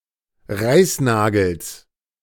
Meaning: genitive singular of Reißnagel
- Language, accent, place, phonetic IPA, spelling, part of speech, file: German, Germany, Berlin, [ˈʁaɪ̯sˌnaːɡl̩s], Reißnagels, noun, De-Reißnagels.ogg